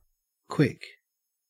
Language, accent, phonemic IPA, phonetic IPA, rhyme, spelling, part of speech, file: English, Australia, /kwɪk/, [kʰw̥ɪk], -ɪk, quick, adjective / adverb / noun / verb, En-au-quick.ogg
- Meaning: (adjective) 1. Moving with speed, rapidity or swiftness, or capable of doing so; rapid; fast 2. Occurring in a short time; happening or done rapidly 3. Lively, fast-thinking, witty, intelligent